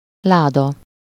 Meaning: chest, box, case
- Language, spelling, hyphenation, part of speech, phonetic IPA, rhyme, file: Hungarian, láda, lá‧da, noun, [ˈlaːdɒ], -dɒ, Hu-láda.ogg